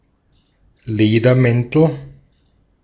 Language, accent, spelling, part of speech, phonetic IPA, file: German, Austria, Ledermäntel, noun, [ˈleːdɐˌmɛntl̩], De-at-Ledermäntel.ogg
- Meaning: nominative/accusative/genitive plural of Ledermantel